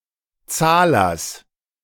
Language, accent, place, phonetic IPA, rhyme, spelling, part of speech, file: German, Germany, Berlin, [ˈt͡saːlɐs], -aːlɐs, Zahlers, noun, De-Zahlers.ogg
- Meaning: genitive of Zahler